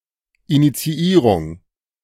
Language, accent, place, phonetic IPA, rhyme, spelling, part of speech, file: German, Germany, Berlin, [ˌinit͡siˈiːʁʊŋ], -iːʁʊŋ, Initiierung, noun, De-Initiierung.ogg
- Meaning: initiation, instigation